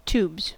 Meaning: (noun) 1. plural of tube 2. The Internet 3. The inner workings of one's body; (verb) third-person singular simple present indicative of tube
- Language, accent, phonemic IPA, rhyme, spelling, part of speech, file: English, US, /tuːbz/, -uːbz, tubes, noun / verb, En-us-tubes.ogg